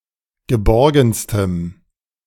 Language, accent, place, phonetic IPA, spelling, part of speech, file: German, Germany, Berlin, [ɡəˈbɔʁɡn̩stəm], geborgenstem, adjective, De-geborgenstem.ogg
- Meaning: strong dative masculine/neuter singular superlative degree of geborgen